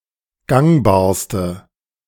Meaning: inflection of gangbar: 1. strong/mixed nominative/accusative feminine singular superlative degree 2. strong nominative/accusative plural superlative degree
- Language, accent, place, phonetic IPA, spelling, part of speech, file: German, Germany, Berlin, [ˈɡaŋbaːɐ̯stə], gangbarste, adjective, De-gangbarste.ogg